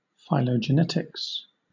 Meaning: The study of the evolutionary history and relationships among or within groups of organisms, through computational methods that focus on observed heritable traits
- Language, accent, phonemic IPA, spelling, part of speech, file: English, Southern England, /ˌfaɪləd͡ʒəˈnɛtɪks/, phylogenetics, noun, LL-Q1860 (eng)-phylogenetics.wav